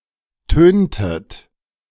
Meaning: inflection of tönen: 1. second-person plural preterite 2. second-person plural subjunctive II
- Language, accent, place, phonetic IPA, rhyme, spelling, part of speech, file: German, Germany, Berlin, [ˈtøːntət], -øːntət, töntet, verb, De-töntet.ogg